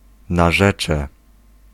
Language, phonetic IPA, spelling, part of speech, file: Polish, [naˈʒɛt͡ʃɛ], narzecze, noun, Pl-narzecze.ogg